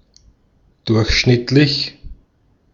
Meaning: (adjective) average, ordinary, mean, medium; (adverb) on average
- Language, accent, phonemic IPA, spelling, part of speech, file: German, Austria, /ˈdʊɐ̯(ç)ʃnɪtlɪç/, durchschnittlich, adjective / adverb, De-at-durchschnittlich.ogg